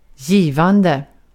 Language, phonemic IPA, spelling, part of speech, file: Swedish, /ˈjîː.van.dɛ/, givande, adjective / noun / verb, Sv-givande.ogg
- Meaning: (adjective) rewarding, fruitful (that provides ("gives") something of value); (noun) giving (giving things); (verb) present participle of ge